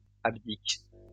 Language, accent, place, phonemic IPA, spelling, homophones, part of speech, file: French, France, Lyon, /ab.dik/, abdiques, abdique / abdiquent, verb, LL-Q150 (fra)-abdiques.wav
- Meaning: second-person singular present indicative/subjunctive of abdiquer